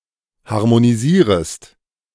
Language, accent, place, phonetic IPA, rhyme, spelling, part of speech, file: German, Germany, Berlin, [haʁmoniˈziːʁəst], -iːʁəst, harmonisierest, verb, De-harmonisierest.ogg
- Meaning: second-person singular subjunctive I of harmonisieren